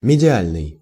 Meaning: medial, mesial
- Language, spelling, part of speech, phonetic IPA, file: Russian, медиальный, adjective, [mʲɪdʲɪˈalʲnɨj], Ru-медиальный.ogg